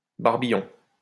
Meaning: 1. barbel (sensory organ of a fish) 2. wattle (flap hanging from chicken beak) 3. young barbel
- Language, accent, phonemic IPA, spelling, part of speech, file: French, France, /baʁ.bi.jɔ̃/, barbillon, noun, LL-Q150 (fra)-barbillon.wav